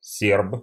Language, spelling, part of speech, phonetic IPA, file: Russian, серб, noun, [sʲerp], Ru-серб.ogg
- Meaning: 1. Serb, Serbian (person of Serbian descent) 2. Sorb, Sorbian, Wend (person of Wendish descent)